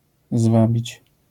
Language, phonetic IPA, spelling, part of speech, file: Polish, [ˈzvabʲit͡ɕ], zwabić, verb, LL-Q809 (pol)-zwabić.wav